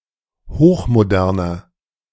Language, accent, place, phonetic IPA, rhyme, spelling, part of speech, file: German, Germany, Berlin, [ˌhoːxmoˈdɛʁnɐ], -ɛʁnɐ, hochmoderner, adjective, De-hochmoderner.ogg
- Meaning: inflection of hochmodern: 1. strong/mixed nominative masculine singular 2. strong genitive/dative feminine singular 3. strong genitive plural